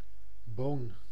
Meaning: bean
- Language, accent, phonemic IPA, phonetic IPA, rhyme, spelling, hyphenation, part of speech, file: Dutch, Netherlands, /boːn/, [boʊ̯n], -oːn, boon, boon, noun, Nl-boon.ogg